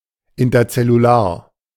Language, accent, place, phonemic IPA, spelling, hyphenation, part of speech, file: German, Germany, Berlin, /ɪntɐt͡sɛluˈlaːɐ̯/, interzellular, in‧ter‧zel‧lu‧lar, adjective, De-interzellular.ogg
- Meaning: intercellular